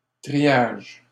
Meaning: 1. triage; sorting 2. classification, marshalling 3. classification yard, marshalling yard 4. the smallest unit of forest in the ancien régime
- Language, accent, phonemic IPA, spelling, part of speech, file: French, Canada, /tʁi.jaʒ/, triage, noun, LL-Q150 (fra)-triage.wav